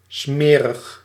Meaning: dirty, filthy, grubby
- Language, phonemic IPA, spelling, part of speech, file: Dutch, /ˈsmɛrəx/, smerig, adjective, Nl-smerig.ogg